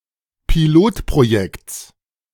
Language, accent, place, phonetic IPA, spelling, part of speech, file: German, Germany, Berlin, [piˈloːtpʁoˌjɛkt͡s], Pilotprojekts, noun, De-Pilotprojekts.ogg
- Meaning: genitive singular of Pilotprojekt